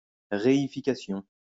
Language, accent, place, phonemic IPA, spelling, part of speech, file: French, France, Lyon, /ʁe.i.fi.ka.sjɔ̃/, réification, noun, LL-Q150 (fra)-réification.wav
- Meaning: reification